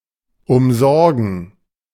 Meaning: to look after (someone)
- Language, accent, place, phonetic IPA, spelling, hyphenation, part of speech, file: German, Germany, Berlin, [ʊmˈzɔʁɡən], umsorgen, um‧sor‧gen, verb, De-umsorgen.ogg